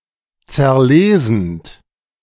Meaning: present participle of zerlesen
- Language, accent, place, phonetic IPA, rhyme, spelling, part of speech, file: German, Germany, Berlin, [t͡sɛɐ̯ˈleːzn̩t], -eːzn̩t, zerlesend, verb, De-zerlesend.ogg